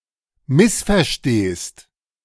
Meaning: second-person singular present of missverstehen
- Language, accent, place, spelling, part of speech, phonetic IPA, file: German, Germany, Berlin, missverstehst, verb, [ˈmɪsfɛɐ̯ˌʃteːst], De-missverstehst.ogg